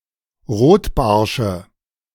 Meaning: nominative/accusative/genitive plural of Rotbarsch
- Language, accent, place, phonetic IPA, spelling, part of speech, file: German, Germany, Berlin, [ˈʁoːtˌbaʁʃə], Rotbarsche, noun, De-Rotbarsche.ogg